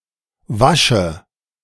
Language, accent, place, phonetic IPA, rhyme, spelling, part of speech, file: German, Germany, Berlin, [ˈvaʃə], -aʃə, wasche, verb, De-wasche.ogg
- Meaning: inflection of waschen: 1. first-person singular present 2. first/third-person singular subjunctive I 3. singular imperative